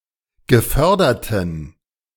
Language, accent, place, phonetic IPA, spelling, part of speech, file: German, Germany, Berlin, [ɡəˈfœʁdɐtn̩], geförderten, adjective, De-geförderten.ogg
- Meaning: inflection of gefördert: 1. strong genitive masculine/neuter singular 2. weak/mixed genitive/dative all-gender singular 3. strong/weak/mixed accusative masculine singular 4. strong dative plural